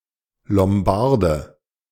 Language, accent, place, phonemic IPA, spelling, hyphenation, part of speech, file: German, Germany, Berlin, /lɔmˈbaʁdə/, Lombarde, Lom‧bar‧de, noun, De-Lombarde.ogg
- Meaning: Lombard (native or inhabitant of the region of Lombardy, Italy) (usually male)